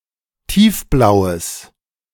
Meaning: strong/mixed nominative/accusative neuter singular of tiefblau
- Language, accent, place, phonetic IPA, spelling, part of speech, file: German, Germany, Berlin, [ˈtiːfˌblaʊ̯əs], tiefblaues, adjective, De-tiefblaues.ogg